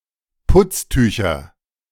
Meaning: nominative/accusative/genitive plural of Putztuch
- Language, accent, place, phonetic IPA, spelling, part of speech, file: German, Germany, Berlin, [ˈpʊt͡sˌtyːçɐ], Putztücher, noun, De-Putztücher.ogg